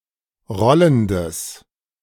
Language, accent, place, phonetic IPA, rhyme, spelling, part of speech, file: German, Germany, Berlin, [ˈʁɔləndəs], -ɔləndəs, rollendes, adjective, De-rollendes.ogg
- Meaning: strong/mixed nominative/accusative neuter singular of rollend